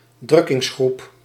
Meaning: pressure group
- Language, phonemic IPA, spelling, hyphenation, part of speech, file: Dutch, /ˈdrʏ.kɪŋsˌxrup/, drukkingsgroep, druk‧kings‧groep, noun, Nl-drukkingsgroep.ogg